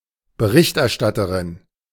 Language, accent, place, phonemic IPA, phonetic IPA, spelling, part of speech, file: German, Germany, Berlin, /bəˈʁɪçtɛʁˌʃtatəʁɪn/, [bəˈʁɪçtʰʔɛɐ̯ˌʃtatʰɐʁɪn], Berichterstatterin, noun, De-Berichterstatterin.ogg
- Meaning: female equivalent of Berichterstatter: 1. rapporteur (female or sexless) 2. reporter (female or sexless)